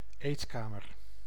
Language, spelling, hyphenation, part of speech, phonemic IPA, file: Dutch, eetkamer, eet‧ka‧mer, noun, /ˈeːtˌkaː.mər/, Nl-eetkamer.ogg
- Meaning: dining room